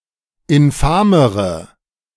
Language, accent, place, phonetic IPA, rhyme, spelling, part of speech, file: German, Germany, Berlin, [ɪnˈfaːməʁə], -aːməʁə, infamere, adjective, De-infamere.ogg
- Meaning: inflection of infam: 1. strong/mixed nominative/accusative feminine singular comparative degree 2. strong nominative/accusative plural comparative degree